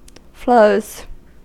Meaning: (noun) plural of flow; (verb) third-person singular simple present indicative of flow
- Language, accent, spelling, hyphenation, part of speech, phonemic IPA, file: English, US, flows, flows, noun / verb, /floʊz/, En-us-flows.ogg